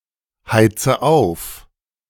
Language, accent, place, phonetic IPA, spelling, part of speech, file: German, Germany, Berlin, [ˌhaɪ̯t͡sə ˈaʊ̯f], heize auf, verb, De-heize auf.ogg
- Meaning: inflection of aufheizen: 1. first-person singular present 2. first/third-person singular subjunctive I 3. singular imperative